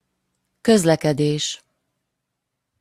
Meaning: transportation
- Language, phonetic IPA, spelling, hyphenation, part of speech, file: Hungarian, [ˈkøzlɛkɛdeːʃ], közlekedés, köz‧le‧ke‧dés, noun, Hu-közlekedés.opus